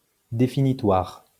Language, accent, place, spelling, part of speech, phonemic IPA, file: French, France, Lyon, définitoire, adjective, /de.fi.ni.twaʁ/, LL-Q150 (fra)-définitoire.wav
- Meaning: definitory, defining